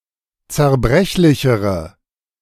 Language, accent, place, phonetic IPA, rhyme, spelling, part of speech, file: German, Germany, Berlin, [t͡sɛɐ̯ˈbʁɛçlɪçəʁə], -ɛçlɪçəʁə, zerbrechlichere, adjective, De-zerbrechlichere.ogg
- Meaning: inflection of zerbrechlich: 1. strong/mixed nominative/accusative feminine singular comparative degree 2. strong nominative/accusative plural comparative degree